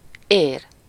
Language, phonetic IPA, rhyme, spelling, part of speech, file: Hungarian, [ˈeːr], -eːr, ér, noun / verb, Hu-ér.ogg
- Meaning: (noun) 1. blood vessel (artery, vein, or capillary) 2. vein (a thickened portion of the leaf containing the vascular bundle) 3. brook, streamlet, rill